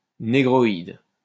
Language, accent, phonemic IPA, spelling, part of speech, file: French, France, /ne.ɡʁɔ.id/, négroïde, adjective, LL-Q150 (fra)-négroïde.wav
- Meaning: negroid